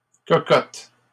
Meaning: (noun) 1. chicken, hen 2. honey, darling 3. small casserole (pot) for individual portions, similar to a Dutch oven 4. promiscuous woman, prostitute 5. vagina 6. pinecone 7. (construction) cone
- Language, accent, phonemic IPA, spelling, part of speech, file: French, Canada, /kɔ.kɔt/, cocotte, noun / verb, LL-Q150 (fra)-cocotte.wav